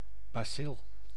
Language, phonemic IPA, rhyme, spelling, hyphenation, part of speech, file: Dutch, /baːˈsɪl/, -ɪl, bacil, ba‧cil, noun, Nl-bacil.ogg
- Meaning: bacillus, bacterium of the genus Bacillus